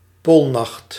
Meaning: polar night
- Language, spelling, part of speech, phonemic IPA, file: Dutch, poolnacht, noun, /ˈpolnɑxt/, Nl-poolnacht.ogg